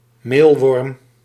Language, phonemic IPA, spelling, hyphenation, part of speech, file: Dutch, /ˈmelwɔrᵊm/, meelworm, meel‧worm, noun, Nl-meelworm.ogg
- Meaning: mealworm